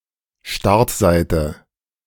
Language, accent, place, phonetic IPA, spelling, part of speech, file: German, Germany, Berlin, [ˈʃtaʁtˌzaɪ̯tə], Startseite, noun, De-Startseite.ogg
- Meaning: home page